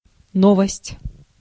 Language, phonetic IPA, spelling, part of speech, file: Russian, [ˈnovəsʲtʲ], новость, noun, Ru-новость.ogg
- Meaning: 1. novelty 2. news